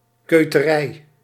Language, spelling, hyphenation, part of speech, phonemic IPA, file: Dutch, keuterij, keu‧te‧rij, noun, /ˌkøtəˈrɛi/, Nl-keuterij.ogg
- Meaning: a collective term referring to the cottages inhabited by cotters (keuterboeren)